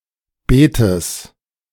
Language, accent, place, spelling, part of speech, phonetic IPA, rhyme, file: German, Germany, Berlin, Beetes, noun, [ˈbeːtəs], -eːtəs, De-Beetes.ogg
- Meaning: genitive singular of Beet